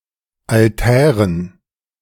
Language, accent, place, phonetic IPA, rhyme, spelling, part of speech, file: German, Germany, Berlin, [alˈtɛːʁən], -ɛːʁən, Altären, noun, De-Altären.ogg
- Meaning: dative plural of Altar